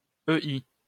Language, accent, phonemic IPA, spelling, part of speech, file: French, France, /ø.i/, EI, proper noun, LL-Q150 (fra)-EI.wav
- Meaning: initialism of État islamique (“Islamic State, IS”)